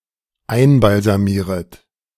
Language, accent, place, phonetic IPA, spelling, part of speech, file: German, Germany, Berlin, [ˈaɪ̯nbalzaˌmiːʁət], einbalsamieret, verb, De-einbalsamieret.ogg
- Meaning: second-person plural dependent subjunctive I of einbalsamieren